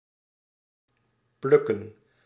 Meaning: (verb) to pluck (i.e. to pull something sharply or to pull something out)
- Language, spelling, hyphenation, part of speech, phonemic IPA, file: Dutch, plukken, pluk‧ken, verb / noun, /ˈplʏkə(n)/, Nl-plukken.ogg